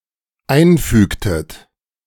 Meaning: inflection of einfügen: 1. second-person plural dependent preterite 2. second-person plural dependent subjunctive II
- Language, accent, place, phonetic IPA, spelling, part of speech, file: German, Germany, Berlin, [ˈaɪ̯nˌfyːktət], einfügtet, verb, De-einfügtet.ogg